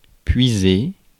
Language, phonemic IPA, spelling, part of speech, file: French, /pɥi.ze/, puiser, verb, Fr-puiser.ogg
- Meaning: to draw (for example, water from a well), to tap into